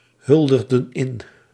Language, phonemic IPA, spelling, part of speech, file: Dutch, /ˈhʏldəɣdə(n) ˈɪn/, huldigden in, verb, Nl-huldigden in.ogg
- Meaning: inflection of inhuldigen: 1. plural past indicative 2. plural past subjunctive